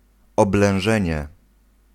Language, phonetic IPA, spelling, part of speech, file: Polish, [ˌɔblɛ̃w̃ˈʒɛ̃ɲɛ], oblężenie, noun, Pl-oblężenie.ogg